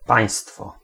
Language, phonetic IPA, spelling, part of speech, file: Polish, [ˈpãj̃stfɔ], państwo, noun, Pl-państwo.ogg